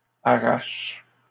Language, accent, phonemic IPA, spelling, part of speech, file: French, Canada, /a.ʁaʃ/, arrachent, verb, LL-Q150 (fra)-arrachent.wav
- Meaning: third-person plural present indicative/subjunctive of arracher